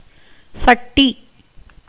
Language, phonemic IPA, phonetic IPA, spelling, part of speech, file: Tamil, /tʃɐʈːiː/, [sɐʈːiː], சட்டி, noun, Ta-சட்டி.ogg
- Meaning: 1. chattee, earthen vessel, pan, pot 2. lotus 3. standard form of ஜட்டி (jaṭṭi, “briefs, panties”) 4. standard form of சஷ்டி (caṣṭi, “sixth lunar day; sixty”)